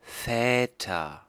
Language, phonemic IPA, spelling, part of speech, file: German, /ˈfɛːtɐ/, Väter, noun, De-Väter.ogg
- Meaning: nominative/accusative/genitive plural of Vater